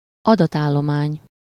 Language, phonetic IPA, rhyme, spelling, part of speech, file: Hungarian, [ˈɒdɒtaːlːomaːɲ], -aːɲ, adatállomány, noun, Hu-adatállomány.ogg
- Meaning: file